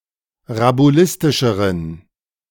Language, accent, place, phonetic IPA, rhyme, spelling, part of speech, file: German, Germany, Berlin, [ʁabuˈlɪstɪʃəʁən], -ɪstɪʃəʁən, rabulistischeren, adjective, De-rabulistischeren.ogg
- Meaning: inflection of rabulistisch: 1. strong genitive masculine/neuter singular comparative degree 2. weak/mixed genitive/dative all-gender singular comparative degree